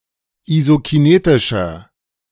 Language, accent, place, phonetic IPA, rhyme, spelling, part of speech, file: German, Germany, Berlin, [izokiˈneːtɪʃɐ], -eːtɪʃɐ, isokinetischer, adjective, De-isokinetischer.ogg
- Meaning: inflection of isokinetisch: 1. strong/mixed nominative masculine singular 2. strong genitive/dative feminine singular 3. strong genitive plural